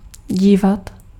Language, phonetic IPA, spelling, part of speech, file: Czech, [ˈɟiːvat], dívat, verb, Cs-dívat.ogg
- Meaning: 1. to look (to try to see) 2. to watch